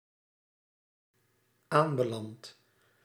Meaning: 1. first-person singular dependent-clause present indicative of aanbelanden 2. past participle of aanbelanden
- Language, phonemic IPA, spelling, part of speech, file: Dutch, /ˈambəˌlant/, aanbeland, verb, Nl-aanbeland.ogg